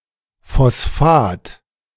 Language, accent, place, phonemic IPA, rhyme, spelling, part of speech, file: German, Germany, Berlin, /fɔsˈfaːt/, -aːt, Phosphat, noun, De-Phosphat.ogg
- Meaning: phosphate